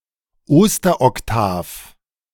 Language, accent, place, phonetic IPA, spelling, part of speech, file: German, Germany, Berlin, [ˈoːstɐʔɔkˌtaːf], Osteroktav, noun, De-Osteroktav.ogg
- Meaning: octave of Easter (the Sunday after Easter Sunday)